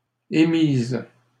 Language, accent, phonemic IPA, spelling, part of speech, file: French, Canada, /e.miz/, émise, verb, LL-Q150 (fra)-émise.wav
- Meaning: feminine singular of émis